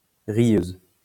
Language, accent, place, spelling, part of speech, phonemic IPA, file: French, France, Lyon, rieuse, noun, /ʁjøz/, LL-Q150 (fra)-rieuse.wav
- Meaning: female equivalent of rieur